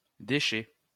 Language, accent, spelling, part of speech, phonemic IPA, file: French, France, déchet, noun / verb, /de.ʃɛ/, LL-Q150 (fra)-déchet.wav
- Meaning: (noun) 1. refuse, rubbish, trash, waste 2. a mess, a basket case (especially after having drunk alcohol); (verb) third-person singular present indicative of déchoir